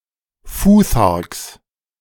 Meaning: genitive singular of Futhark
- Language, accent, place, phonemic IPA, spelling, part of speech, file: German, Germany, Berlin, /ˈfuːθaʁks/, Futharks, noun, De-Futharks.ogg